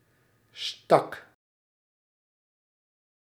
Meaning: singular past indicative of steken
- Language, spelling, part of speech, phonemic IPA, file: Dutch, stak, verb, /stɑk/, Nl-stak.ogg